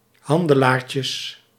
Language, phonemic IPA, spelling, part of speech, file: Dutch, /ˈhɑndəˌlarcəs/, handelaartjes, noun, Nl-handelaartjes.ogg
- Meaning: plural of handelaartje